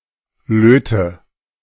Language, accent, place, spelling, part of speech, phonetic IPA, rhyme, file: German, Germany, Berlin, löte, verb, [ˈløːtə], -øːtə, De-löte.ogg
- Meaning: inflection of löten: 1. first-person singular present 2. singular imperative 3. first/third-person singular subjunctive I